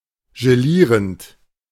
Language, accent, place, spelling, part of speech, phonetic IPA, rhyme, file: German, Germany, Berlin, gelierend, verb, [ʒeˈliːʁənt], -iːʁənt, De-gelierend.ogg
- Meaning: present participle of gelieren